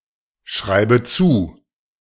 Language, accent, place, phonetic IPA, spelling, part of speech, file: German, Germany, Berlin, [ˌʃʁaɪ̯bə ˈt͡suː], schreibe zu, verb, De-schreibe zu.ogg
- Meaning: inflection of zuschreiben: 1. first-person singular present 2. first/third-person singular subjunctive I 3. singular imperative